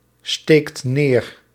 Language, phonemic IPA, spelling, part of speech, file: Dutch, /ˈstekt ˈner/, steekt neer, verb, Nl-steekt neer.ogg
- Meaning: inflection of neersteken: 1. second/third-person singular present indicative 2. plural imperative